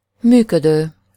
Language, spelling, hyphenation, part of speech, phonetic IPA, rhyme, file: Hungarian, működő, mű‧kö‧dő, verb, [ˈmyːkødøː], -døː, Hu-működő.ogg
- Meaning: present participle of működik: functioning, operating